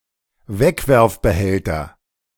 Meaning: disposable container
- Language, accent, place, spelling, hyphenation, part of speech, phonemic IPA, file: German, Germany, Berlin, Wegwerfbehälter, Weg‧werf‧be‧häl‧ter, noun, /ˈvɛkvɛʁfbəˌhɛltɐ/, De-Wegwerfbehälter.ogg